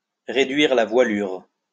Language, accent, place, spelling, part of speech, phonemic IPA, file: French, France, Lyon, réduire la voilure, verb, /ʁe.dɥiʁ la vwa.lyʁ/, LL-Q150 (fra)-réduire la voilure.wav
- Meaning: 1. to shorten sail 2. to trim one's sails, to make cutbacks, to reduce costs and manpower